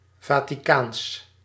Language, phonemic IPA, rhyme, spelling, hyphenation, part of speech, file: Dutch, /ˌvaː.tiˈkaːns/, -aːns, Vaticaans, Va‧ti‧caans, adjective, Nl-Vaticaans.ogg
- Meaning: Vatican